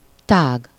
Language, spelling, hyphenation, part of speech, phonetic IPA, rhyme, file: Hungarian, tág, tág, adjective, [ˈtaːɡ], -aːɡ, Hu-tág.ogg
- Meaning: ample, wide